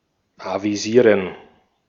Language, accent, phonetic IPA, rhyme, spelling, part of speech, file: German, Austria, [ˌaviˈziːʁən], -iːʁən, avisieren, verb, De-at-avisieren.ogg
- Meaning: to announce, to notify